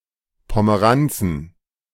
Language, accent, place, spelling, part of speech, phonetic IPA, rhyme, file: German, Germany, Berlin, Pomeranzen, noun, [pɔməˈʁant͡sn̩], -ant͡sn̩, De-Pomeranzen.ogg
- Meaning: plural of Pomeranze